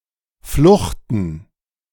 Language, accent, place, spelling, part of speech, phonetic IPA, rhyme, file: German, Germany, Berlin, fluchten, verb, [ˈflʊxtn̩], -ʊxtn̩, De-fluchten.ogg
- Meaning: 1. to align, to be in line, to be flush 2. inflection of fluchen: first/third-person plural preterite 3. inflection of fluchen: first/third-person plural subjunctive II